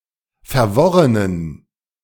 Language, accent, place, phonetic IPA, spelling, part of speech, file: German, Germany, Berlin, [fɛɐ̯ˈvɔʁənən], verworrenen, adjective, De-verworrenen.ogg
- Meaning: inflection of verworren: 1. strong genitive masculine/neuter singular 2. weak/mixed genitive/dative all-gender singular 3. strong/weak/mixed accusative masculine singular 4. strong dative plural